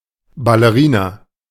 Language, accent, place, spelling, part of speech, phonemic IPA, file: German, Germany, Berlin, Ballerina, noun, /baləˈʁiːna/, De-Ballerina.ogg
- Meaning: 1. ballerina (a female ballet dancer) 2. ballet flat (type of women's shoe similar to a ballet shoe)